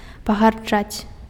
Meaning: to despise
- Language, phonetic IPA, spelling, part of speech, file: Belarusian, [paɣarˈd͡ʐat͡sʲ], пагарджаць, verb, Be-пагарджаць.ogg